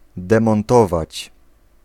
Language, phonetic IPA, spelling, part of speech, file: Polish, [ˌdɛ̃mɔ̃nˈtɔvat͡ɕ], demontować, verb, Pl-demontować.ogg